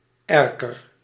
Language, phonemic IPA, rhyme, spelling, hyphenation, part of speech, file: Dutch, /ˈɛr.kər/, -ɛrkər, erker, er‧ker, noun, Nl-erker.ogg
- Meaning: bay window, oriel